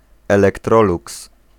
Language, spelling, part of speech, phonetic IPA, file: Polish, elektroluks, noun, [ˌɛlɛkˈtrɔluks], Pl-elektroluks.ogg